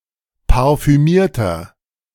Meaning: inflection of parfümiert: 1. strong/mixed nominative masculine singular 2. strong genitive/dative feminine singular 3. strong genitive plural
- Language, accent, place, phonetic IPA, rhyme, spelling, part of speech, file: German, Germany, Berlin, [paʁfyˈmiːɐ̯tɐ], -iːɐ̯tɐ, parfümierter, adjective, De-parfümierter.ogg